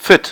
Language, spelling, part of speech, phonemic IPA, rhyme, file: German, fit, adjective, /fɪt/, -ɪt, De-fit.ogg
- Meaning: 1. fit (in good overall physical shape) 2. able, prepared, up to a task (able to perform adequately, in contrast to a prior or possibly future state of inadequacy)